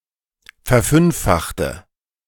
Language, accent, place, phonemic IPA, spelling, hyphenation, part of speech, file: German, Germany, Berlin, /fɛɐ̯ˈfʏnfˌfaxtə/, verfünffachte, ver‧fünf‧fach‧te, verb, De-verfünffachte.ogg
- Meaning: inflection of verfünffachen: 1. first/third-person singular preterite 2. first/third-person singular subjunctive II